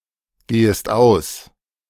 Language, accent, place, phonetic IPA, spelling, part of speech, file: German, Germany, Berlin, [ˌɡeːəst ˈaʊ̯s], gehest aus, verb, De-gehest aus.ogg
- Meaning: second-person singular subjunctive I of ausgehen